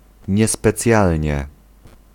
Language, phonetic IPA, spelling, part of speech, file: Polish, [ˌɲɛspɛˈt͡sʲjalʲɲɛ], niespecjalnie, adverb, Pl-niespecjalnie.ogg